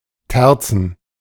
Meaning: plural of Terz
- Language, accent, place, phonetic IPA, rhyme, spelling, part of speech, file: German, Germany, Berlin, [ˈtɛʁt͡sn̩], -ɛʁt͡sn̩, Terzen, noun, De-Terzen.ogg